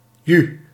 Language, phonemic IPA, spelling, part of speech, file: Dutch, /jy/, ju, interjection, Nl-ju.ogg
- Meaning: said to a horse to make it start moving